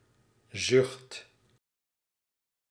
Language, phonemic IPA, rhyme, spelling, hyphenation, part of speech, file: Dutch, /zʏxt/, -ʏxt, zucht, zucht, noun / interjection / verb, Nl-zucht.ogg
- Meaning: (noun) 1. sigh 2. longing, desire 3. a pathological desire or craving 4. a disease, sickness; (verb) inflection of zuchten: 1. first/second/third-person singular present indicative 2. imperative